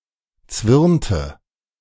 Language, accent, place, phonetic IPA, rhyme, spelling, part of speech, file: German, Germany, Berlin, [ˈt͡svɪʁntə], -ɪʁntə, zwirnte, verb, De-zwirnte.ogg
- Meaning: inflection of zwirnen: 1. first/third-person singular preterite 2. first/third-person singular subjunctive II